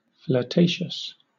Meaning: 1. Of or pertaining to flirtation 2. Having a tendency to flirt often
- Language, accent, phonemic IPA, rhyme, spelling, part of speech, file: English, Southern England, /flɚˈteɪʃəs/, -eɪʃəs, flirtatious, adjective, LL-Q1860 (eng)-flirtatious.wav